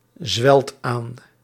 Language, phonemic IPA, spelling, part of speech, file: Dutch, /ˈzwɛlt ˈan/, zwelt aan, verb, Nl-zwelt aan.ogg
- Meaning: inflection of aanzwellen: 1. second/third-person singular present indicative 2. plural imperative